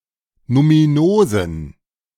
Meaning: inflection of numinos: 1. strong genitive masculine/neuter singular 2. weak/mixed genitive/dative all-gender singular 3. strong/weak/mixed accusative masculine singular 4. strong dative plural
- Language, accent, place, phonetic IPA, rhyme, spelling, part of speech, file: German, Germany, Berlin, [numiˈnoːzn̩], -oːzn̩, numinosen, adjective, De-numinosen.ogg